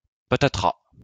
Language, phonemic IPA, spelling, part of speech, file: French, /pa.ta.tʁa/, patatras, interjection, LL-Q150 (fra)-patatras.wav
- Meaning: kerplunk